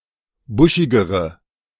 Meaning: inflection of buschig: 1. strong/mixed nominative/accusative feminine singular comparative degree 2. strong nominative/accusative plural comparative degree
- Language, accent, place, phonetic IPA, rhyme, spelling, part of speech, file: German, Germany, Berlin, [ˈbʊʃɪɡəʁə], -ʊʃɪɡəʁə, buschigere, adjective, De-buschigere.ogg